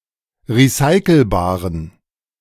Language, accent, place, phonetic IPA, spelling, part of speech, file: German, Germany, Berlin, [ʁiˈsaɪ̯kl̩baːʁən], recyclebaren, adjective, De-recyclebaren.ogg
- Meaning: inflection of recyclebar: 1. strong genitive masculine/neuter singular 2. weak/mixed genitive/dative all-gender singular 3. strong/weak/mixed accusative masculine singular 4. strong dative plural